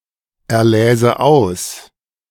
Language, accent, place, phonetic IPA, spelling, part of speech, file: German, Germany, Berlin, [ɛɐ̯ˌlɛːzə ˈaʊ̯s], erläse aus, verb, De-erläse aus.ogg
- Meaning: first/third-person singular subjunctive II of auserlesen